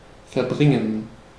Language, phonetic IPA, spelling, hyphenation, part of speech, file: German, [fɛɐ̯ˈbʁɪŋən], verbringen, ver‧brin‧gen, verb, De-verbringen.ogg
- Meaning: 1. to spend, to pass (a period of time) 2. to move (completely), to take, to transport 3. to bring about, to make reality and somehow complete, to fullbring